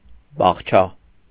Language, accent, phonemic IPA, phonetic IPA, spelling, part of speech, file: Armenian, Eastern Armenian, /bɑχˈt͡ʃʰɑ/, [bɑχt͡ʃʰɑ́], բաղչա, noun, Hy-բաղչա.ogg
- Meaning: garden, orchard